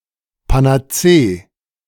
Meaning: synonym of Allheilmittel (“panacea”)
- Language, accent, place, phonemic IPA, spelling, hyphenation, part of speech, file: German, Germany, Berlin, /panaˈtseː(ə)/, Panazee, Pa‧n‧a‧zee, noun, De-Panazee.ogg